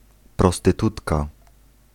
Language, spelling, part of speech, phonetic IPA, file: Polish, prostytutka, noun, [ˌprɔstɨˈtutka], Pl-prostytutka.ogg